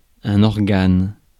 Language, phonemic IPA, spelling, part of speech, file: French, /ɔʁ.ɡan/, organe, noun, Fr-organe.ogg
- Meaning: 1. organ (any part of the body) 2. organ (official publication) 3. subsystem (of mechanical parts) 4. body (of an organization), organ 5. voice